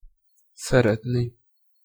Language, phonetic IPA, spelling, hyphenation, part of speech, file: Hungarian, [ˈsɛrɛtni], szeretni, sze‧ret‧ni, verb, Hu-szeretni.ogg
- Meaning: infinitive of szeret